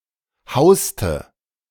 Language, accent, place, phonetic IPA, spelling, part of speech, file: German, Germany, Berlin, [ˈhaʊ̯stə], hauste, verb, De-hauste.ogg
- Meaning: inflection of hausen: 1. first/third-person singular preterite 2. first/third-person singular subjunctive II